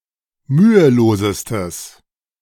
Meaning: strong/mixed nominative/accusative neuter singular superlative degree of mühelos
- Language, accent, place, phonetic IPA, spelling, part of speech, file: German, Germany, Berlin, [ˈmyːəˌloːzəstəs], mühelosestes, adjective, De-mühelosestes.ogg